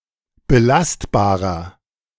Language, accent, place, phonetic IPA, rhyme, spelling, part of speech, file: German, Germany, Berlin, [bəˈlastbaːʁɐ], -astbaːʁɐ, belastbarer, adjective, De-belastbarer.ogg
- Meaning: inflection of belastbar: 1. strong/mixed nominative masculine singular 2. strong genitive/dative feminine singular 3. strong genitive plural